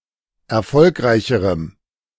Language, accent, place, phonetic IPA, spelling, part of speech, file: German, Germany, Berlin, [ɛɐ̯ˈfɔlkʁaɪ̯çəʁəm], erfolgreicherem, adjective, De-erfolgreicherem.ogg
- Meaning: strong dative masculine/neuter singular comparative degree of erfolgreich